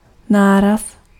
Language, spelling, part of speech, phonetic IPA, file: Czech, náraz, noun, [ˈnaːras], Cs-náraz.ogg
- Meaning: impact (collision)